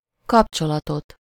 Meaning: accusative singular of kapcsolat
- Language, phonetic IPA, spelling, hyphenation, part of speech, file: Hungarian, [ˈkɒpt͡ʃolɒtot], kapcsolatot, kap‧cso‧la‧tot, noun, Hu-kapcsolatot.ogg